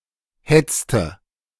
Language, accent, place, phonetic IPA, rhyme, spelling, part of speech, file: German, Germany, Berlin, [ˈhɛt͡stə], -ɛt͡stə, hetzte, verb, De-hetzte.ogg
- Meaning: inflection of hetzen: 1. first/third-person singular preterite 2. first/third-person singular subjunctive II